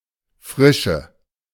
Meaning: freshness
- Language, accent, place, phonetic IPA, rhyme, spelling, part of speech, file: German, Germany, Berlin, [ˈfʁɪʃə], -ɪʃə, Frische, noun, De-Frische.ogg